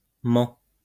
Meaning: third-person singular present indicative of mentir
- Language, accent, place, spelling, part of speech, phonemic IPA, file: French, France, Lyon, ment, verb, /mɑ̃/, LL-Q150 (fra)-ment.wav